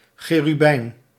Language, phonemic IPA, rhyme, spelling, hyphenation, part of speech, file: Dutch, /ˌxeː.ryˈbɛi̯n/, -ɛi̯n, cherubijn, che‧ru‧bijn, noun, Nl-cherubijn.ogg
- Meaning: 1. cherub (angel): lamassu-like angel 2. cherub (angel): six-winged humanoid angel 3. cherub (angel): putto 4. cherub (affectionate term for a child)